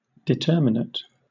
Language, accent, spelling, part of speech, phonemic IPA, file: English, Southern England, determinate, adjective / noun / verb, /dɪˈtɜːmɪnət/, LL-Q1860 (eng)-determinate.wav
- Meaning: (adjective) 1. Distinct, clearly defined 2. Fixed, determined, set, unvarying 3. Of growth: ending once a genetically predetermined structure has formed 4. Conclusive; decisive; positive